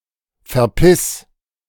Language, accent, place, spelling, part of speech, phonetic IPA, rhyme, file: German, Germany, Berlin, verpiss, verb, [fɛɐ̯ˈpɪs], -ɪs, De-verpiss.ogg
- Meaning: singular imperative of verpissen